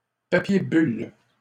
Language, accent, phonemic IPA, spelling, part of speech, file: French, Canada, /pa.pje byl/, papier bulle, noun, LL-Q150 (fra)-papier bulle.wav
- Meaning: 1. bubble wrap 2. manila paper